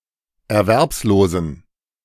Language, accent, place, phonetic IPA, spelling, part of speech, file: German, Germany, Berlin, [ɛɐ̯ˈvɛʁpsˌloːzn̩], erwerbslosen, adjective, De-erwerbslosen.ogg
- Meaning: inflection of erwerbslos: 1. strong genitive masculine/neuter singular 2. weak/mixed genitive/dative all-gender singular 3. strong/weak/mixed accusative masculine singular 4. strong dative plural